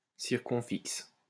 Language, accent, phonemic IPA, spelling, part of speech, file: French, France, /siʁ.kɔ̃.fiks/, circonfixe, noun, LL-Q150 (fra)-circonfixe.wav
- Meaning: circumfix (affix with both a prefixing and suffixing part)